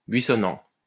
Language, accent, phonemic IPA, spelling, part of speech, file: French, France, /bɥi.sɔ.nɑ̃/, buissonnant, verb / adjective, LL-Q150 (fra)-buissonnant.wav
- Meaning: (verb) present participle of buissonner; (adjective) bushy